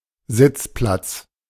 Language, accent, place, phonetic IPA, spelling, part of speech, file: German, Germany, Berlin, [ˈzɪt͡sˌplat͡s], Sitzplatz, noun, De-Sitzplatz.ogg
- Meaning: seat